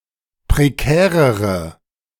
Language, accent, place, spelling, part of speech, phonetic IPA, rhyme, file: German, Germany, Berlin, prekärere, adjective, [pʁeˈkɛːʁəʁə], -ɛːʁəʁə, De-prekärere.ogg
- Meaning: inflection of prekär: 1. strong/mixed nominative/accusative feminine singular comparative degree 2. strong nominative/accusative plural comparative degree